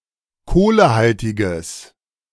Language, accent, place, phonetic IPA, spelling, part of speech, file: German, Germany, Berlin, [ˈkoːləˌhaltɪɡɐ], kohlehaltiger, adjective, De-kohlehaltiger.ogg
- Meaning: inflection of kohlehaltig: 1. strong/mixed nominative masculine singular 2. strong genitive/dative feminine singular 3. strong genitive plural